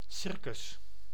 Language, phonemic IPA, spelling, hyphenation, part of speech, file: Dutch, /ˈsɪr.kʏs/, circus, cir‧cus, noun, Nl-circus.ogg
- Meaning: circus (company of performers; place where this company performs)